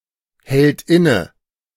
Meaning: third-person singular present of innehalten
- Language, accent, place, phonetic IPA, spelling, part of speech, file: German, Germany, Berlin, [ˌhɛlt ˈɪnə], hält inne, verb, De-hält inne.ogg